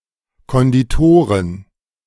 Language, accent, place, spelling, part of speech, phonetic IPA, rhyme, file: German, Germany, Berlin, Konditoren, noun, [kɔndiˈtoːʁən], -oːʁən, De-Konditoren.ogg
- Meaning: plural of Konditor